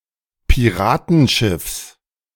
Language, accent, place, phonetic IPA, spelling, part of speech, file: German, Germany, Berlin, [piˈʁaːtn̩ˌʃɪfs], Piratenschiffs, noun, De-Piratenschiffs.ogg
- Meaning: genitive singular of Piratenschiff